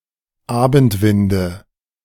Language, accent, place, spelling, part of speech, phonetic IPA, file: German, Germany, Berlin, Abendwinde, noun, [ˈaːbn̩tˌvɪndə], De-Abendwinde.ogg
- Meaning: nominative/accusative/genitive plural of Abendwind